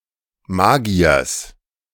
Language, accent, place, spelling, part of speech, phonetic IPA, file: German, Germany, Berlin, Magiers, noun, [ˈmaːɡi̯ɐs], De-Magiers.ogg
- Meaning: genitive singular of Magier